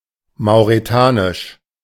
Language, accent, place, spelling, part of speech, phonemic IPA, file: German, Germany, Berlin, mauretanisch, adjective, /maʊ̯ʁeˈtaːnɪʃ/, De-mauretanisch.ogg
- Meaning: of Mauritania; Mauritanian